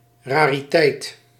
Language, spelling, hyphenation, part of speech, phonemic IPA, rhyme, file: Dutch, rariteit, ra‧ri‧teit, noun, /ˌraː.riˈtɛi̯t/, -ɛi̯t, Nl-rariteit.ogg
- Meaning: 1. curiosity, curiosum, something exotic or unusual 2. rarity, something rare